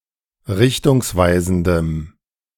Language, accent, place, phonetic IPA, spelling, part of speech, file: German, Germany, Berlin, [ˈʁɪçtʊŋsˌvaɪ̯zn̩dəm], richtungsweisendem, adjective, De-richtungsweisendem.ogg
- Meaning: strong dative masculine/neuter singular of richtungsweisend